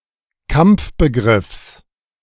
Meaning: genitive of Kampfbegriff
- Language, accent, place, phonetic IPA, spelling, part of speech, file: German, Germany, Berlin, [ˈkamp͡fbəˌɡʁɪfs], Kampfbegriffs, noun, De-Kampfbegriffs.ogg